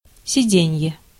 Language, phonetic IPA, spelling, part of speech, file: Russian, [sʲɪˈdʲenʲje], сиденье, noun, Ru-сиденье.ogg
- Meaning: seat